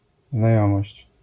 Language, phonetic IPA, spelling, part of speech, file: Polish, [znaˈjɔ̃mɔɕt͡ɕ], znajomość, noun, LL-Q809 (pol)-znajomość.wav